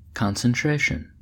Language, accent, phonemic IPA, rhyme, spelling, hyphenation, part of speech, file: English, US, /ˌkɑn.sənˈtɹeɪ.ʃən/, -eɪʃən, concentration, con‧cen‧tra‧tion, noun, En-us-concentration.ogg
- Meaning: The act, process or ability of concentrating; the process of becoming concentrated, or the state of being concentrated